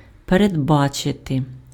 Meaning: to foresee, to anticipate
- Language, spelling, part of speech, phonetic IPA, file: Ukrainian, передбачити, verb, [peredˈbat͡ʃete], Uk-передбачити.ogg